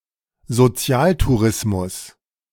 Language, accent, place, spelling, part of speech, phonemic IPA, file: German, Germany, Berlin, Sozialtourismus, noun, /zoˈt͡si̯aːlturɪsmʊs/, De-Sozialtourismus.ogg
- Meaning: benefit tourism